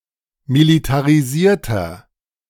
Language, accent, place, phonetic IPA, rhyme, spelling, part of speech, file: German, Germany, Berlin, [militaʁiˈziːɐ̯tɐ], -iːɐ̯tɐ, militarisierter, adjective, De-militarisierter.ogg
- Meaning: inflection of militarisiert: 1. strong/mixed nominative masculine singular 2. strong genitive/dative feminine singular 3. strong genitive plural